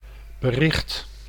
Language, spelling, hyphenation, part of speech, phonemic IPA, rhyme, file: Dutch, bericht, be‧richt, noun / verb, /bəˈrɪxt/, -ɪxt, Nl-bericht.ogg
- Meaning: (noun) 1. message 2. news 3. communication; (verb) inflection of berichten: 1. first/second/third-person singular present indicative 2. imperative